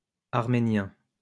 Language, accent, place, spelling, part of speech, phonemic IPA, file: French, France, Lyon, arméniens, adjective, /aʁ.me.njɛ̃/, LL-Q150 (fra)-arméniens.wav
- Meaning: masculine plural of arménien